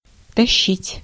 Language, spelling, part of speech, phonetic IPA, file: Russian, тащить, verb, [tɐˈɕːitʲ], Ru-тащить.ogg
- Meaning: 1. to pull, to drag, to haul 2. to carry (unwillingly or something heavy) 3. to carry off, to steal, to pinch 4. to please, to cause to revel